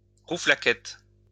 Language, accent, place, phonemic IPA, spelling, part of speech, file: French, France, Lyon, /ʁu.fla.kɛt/, rouflaquettes, noun, LL-Q150 (fra)-rouflaquettes.wav
- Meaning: plural of rouflaquette